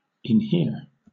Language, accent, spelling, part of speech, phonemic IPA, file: English, Southern England, inhere, verb, /ɪnˈhɪə/, LL-Q1860 (eng)-inhere.wav
- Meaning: To be inherent; to be an essential or intrinsic part of; to be fixed or permanently incorporated with something